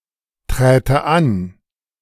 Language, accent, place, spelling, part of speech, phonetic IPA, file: German, Germany, Berlin, träte an, verb, [ˌtʁɛːtə ˈan], De-träte an.ogg
- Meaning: first/third-person singular subjunctive II of antreten